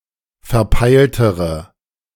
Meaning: inflection of verpeilt: 1. strong/mixed nominative/accusative feminine singular comparative degree 2. strong nominative/accusative plural comparative degree
- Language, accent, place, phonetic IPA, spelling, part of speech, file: German, Germany, Berlin, [fɛɐ̯ˈpaɪ̯ltəʁə], verpeiltere, adjective, De-verpeiltere.ogg